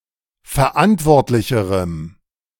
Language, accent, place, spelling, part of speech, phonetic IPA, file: German, Germany, Berlin, verantwortlicherem, adjective, [fɛɐ̯ˈʔantvɔʁtlɪçəʁəm], De-verantwortlicherem.ogg
- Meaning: strong dative masculine/neuter singular comparative degree of verantwortlich